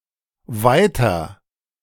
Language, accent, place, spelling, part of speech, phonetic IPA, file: German, Germany, Berlin, weiter, adjective / adverb / interjection, [ˈvaɪ̯tɐ], De-weiter.ogg
- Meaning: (adjective) comparative degree of weit; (adverb) 1. further, farther, more 2. on; expresses the continuation of an action; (interjection) 1. go on 2. next